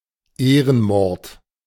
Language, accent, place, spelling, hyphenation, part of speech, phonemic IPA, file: German, Germany, Berlin, Ehrenmord, Eh‧ren‧mord, noun, /ˈeːʁənˌmɔʁt/, De-Ehrenmord.ogg
- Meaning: honour killing, honor killing